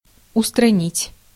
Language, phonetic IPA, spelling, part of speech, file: Russian, [ʊstrɐˈnʲitʲ], устранить, verb, Ru-устранить.ogg
- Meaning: 1. to eliminate 2. to remove